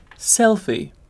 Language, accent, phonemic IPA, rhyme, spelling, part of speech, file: English, UK, /ˈsɛlfi/, -ɛlfi, selfie, noun / verb, En-uk-selfie.ogg
- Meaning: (noun) A photographic self-portrait, especially one taken manually (not using a timer, tripod etc.) with a small camera or mobile phone; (verb) To take a selfie